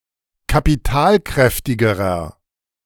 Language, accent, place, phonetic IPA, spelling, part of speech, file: German, Germany, Berlin, [kapiˈtaːlˌkʁɛftɪɡəʁɐ], kapitalkräftigerer, adjective, De-kapitalkräftigerer.ogg
- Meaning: inflection of kapitalkräftig: 1. strong/mixed nominative masculine singular comparative degree 2. strong genitive/dative feminine singular comparative degree